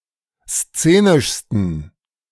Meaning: 1. superlative degree of szenisch 2. inflection of szenisch: strong genitive masculine/neuter singular superlative degree
- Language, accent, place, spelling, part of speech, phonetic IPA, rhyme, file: German, Germany, Berlin, szenischsten, adjective, [ˈst͡seːnɪʃstn̩], -eːnɪʃstn̩, De-szenischsten.ogg